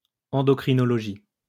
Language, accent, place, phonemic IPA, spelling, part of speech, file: French, France, Lyon, /ɑ̃.dɔ.kʁi.nɔ.lɔ.ʒi/, endocrinologie, noun, LL-Q150 (fra)-endocrinologie.wav
- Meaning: endocrinology